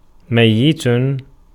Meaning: 1. dead 2. active participle of مَاتَ (māta): subject to death; dying; mortal
- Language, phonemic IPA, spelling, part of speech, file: Arabic, /maj.jit/, ميت, adjective, Ar-ميت.ogg